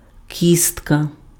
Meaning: bone
- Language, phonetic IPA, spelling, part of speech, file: Ukrainian, [ˈkʲistkɐ], кістка, noun, Uk-кістка.ogg